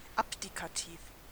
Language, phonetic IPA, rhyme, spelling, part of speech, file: German, [ˌapdikaˈtiːf], -iːf, abdikativ, adjective, De-abdikativ.ogg
- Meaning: abdicative